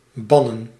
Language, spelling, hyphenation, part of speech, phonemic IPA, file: Dutch, bannen, ban‧nen, verb, /ˈbɑ.nə(n)/, Nl-bannen.ogg
- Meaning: to expel, drive off